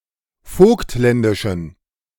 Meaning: inflection of vogtländisch: 1. strong genitive masculine/neuter singular 2. weak/mixed genitive/dative all-gender singular 3. strong/weak/mixed accusative masculine singular 4. strong dative plural
- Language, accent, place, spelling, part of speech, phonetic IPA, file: German, Germany, Berlin, vogtländischen, adjective, [ˈfoːktˌlɛndɪʃn̩], De-vogtländischen.ogg